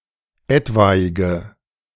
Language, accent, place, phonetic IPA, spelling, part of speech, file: German, Germany, Berlin, [ˈɛtvaɪ̯ɡə], etwaige, adjective, De-etwaige.ogg
- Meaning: inflection of etwaig: 1. strong/mixed nominative/accusative feminine singular 2. strong nominative/accusative plural 3. weak nominative all-gender singular 4. weak accusative feminine/neuter singular